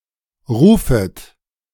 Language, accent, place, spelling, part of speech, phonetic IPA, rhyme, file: German, Germany, Berlin, rufet, verb, [ˈʁuːfət], -uːfət, De-rufet.ogg
- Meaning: second-person plural subjunctive I of rufen